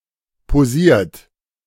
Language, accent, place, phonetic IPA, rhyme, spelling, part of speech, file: German, Germany, Berlin, [poˈziːɐ̯t], -iːɐ̯t, posiert, verb, De-posiert.ogg
- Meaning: 1. past participle of posieren 2. inflection of posieren: third-person singular present 3. inflection of posieren: second-person plural present 4. inflection of posieren: plural imperative